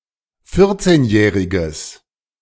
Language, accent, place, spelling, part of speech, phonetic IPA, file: German, Germany, Berlin, vierzehnjähriges, adjective, [ˈfɪʁt͡seːnˌjɛːʁɪɡəs], De-vierzehnjähriges.ogg
- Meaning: strong/mixed nominative/accusative neuter singular of vierzehnjährig